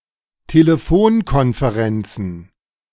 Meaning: plural of Telefonkonferenz
- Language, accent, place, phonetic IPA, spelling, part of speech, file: German, Germany, Berlin, [teleˈfoːnkɔnfeˌʁɛnt͡sn̩], Telefonkonferenzen, noun, De-Telefonkonferenzen.ogg